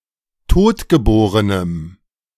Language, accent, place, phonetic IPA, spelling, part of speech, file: German, Germany, Berlin, [ˈtoːtɡəˌboːʁənəm], totgeborenem, adjective, De-totgeborenem.ogg
- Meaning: strong dative masculine/neuter singular of totgeboren